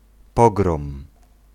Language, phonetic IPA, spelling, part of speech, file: Polish, [ˈpɔɡrɔ̃m], pogrom, noun / verb, Pl-pogrom.ogg